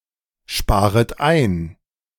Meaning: second-person plural subjunctive I of einsparen
- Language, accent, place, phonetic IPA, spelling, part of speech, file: German, Germany, Berlin, [ˌʃpaːʁət ˈaɪ̯n], sparet ein, verb, De-sparet ein.ogg